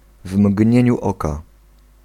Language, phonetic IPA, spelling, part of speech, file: Polish, [ˈv‿mʲɟɲɛ̇̃ɲu ˈɔka], w mgnieniu oka, adverbial phrase, Pl-w mgnieniu oka.ogg